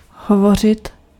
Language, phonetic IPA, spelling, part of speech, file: Czech, [ˈɦovor̝ɪt], hovořit, verb, Cs-hovořit.ogg
- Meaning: to talk, to speak